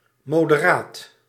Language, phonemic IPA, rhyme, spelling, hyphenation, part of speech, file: Dutch, /ˌmoː.dəˈraːt/, -aːt, moderaat, mo‧de‧raat, adjective / noun, Nl-moderaat.ogg
- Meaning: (adjective) 1. moderate 2. politically conservative, moderate (viewed as being in between liberals and reactionaries in the nineteenth century); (noun) a political conservative, a moderate